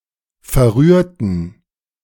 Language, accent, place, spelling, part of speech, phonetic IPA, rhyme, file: German, Germany, Berlin, verrührten, adjective / verb, [fɛɐ̯ˈʁyːɐ̯tn̩], -yːɐ̯tn̩, De-verrührten.ogg
- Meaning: inflection of verrühren: 1. first/third-person plural preterite 2. first/third-person plural subjunctive II